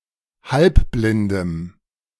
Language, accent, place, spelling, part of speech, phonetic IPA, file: German, Germany, Berlin, halbblindem, adjective, [ˈhalpblɪndəm], De-halbblindem.ogg
- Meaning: strong dative masculine/neuter singular of halbblind